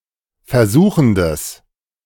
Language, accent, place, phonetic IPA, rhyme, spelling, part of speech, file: German, Germany, Berlin, [fɛɐ̯ˈzuːxət], -uːxət, versuchet, verb, De-versuchet.ogg
- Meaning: second-person plural subjunctive I of versuchen